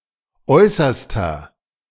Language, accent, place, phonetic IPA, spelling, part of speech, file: German, Germany, Berlin, [ˈɔɪ̯sɐstɐ], äußerster, adjective, De-äußerster.ogg
- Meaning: inflection of äußerste: 1. strong/mixed nominative masculine singular 2. strong genitive/dative feminine singular 3. strong genitive plural